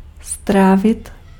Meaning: 1. to digest 2. to spend (of time)
- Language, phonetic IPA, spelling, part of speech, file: Czech, [ˈstraːvɪt], strávit, verb, Cs-strávit.ogg